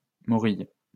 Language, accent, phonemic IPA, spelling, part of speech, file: French, France, /mɔ.ʁij/, morille, noun, LL-Q150 (fra)-morille.wav
- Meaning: morel